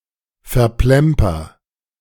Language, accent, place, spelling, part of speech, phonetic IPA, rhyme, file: German, Germany, Berlin, verplemper, verb, [fɛɐ̯ˈplɛmpɐ], -ɛmpɐ, De-verplemper.ogg
- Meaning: inflection of verplempern: 1. first-person singular present 2. singular imperative